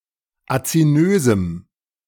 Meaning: strong dative masculine/neuter singular of azinös
- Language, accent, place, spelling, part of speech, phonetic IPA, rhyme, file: German, Germany, Berlin, azinösem, adjective, [at͡siˈnøːzm̩], -øːzm̩, De-azinösem.ogg